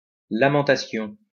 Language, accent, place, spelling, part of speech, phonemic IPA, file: French, France, Lyon, lamentation, noun, /la.mɑ̃.ta.sjɔ̃/, LL-Q150 (fra)-lamentation.wav
- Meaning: lamentation, loud/ostentatious plaint